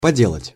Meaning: to make, to do (for a while)
- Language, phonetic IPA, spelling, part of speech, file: Russian, [pɐˈdʲeɫətʲ], поделать, verb, Ru-поделать.ogg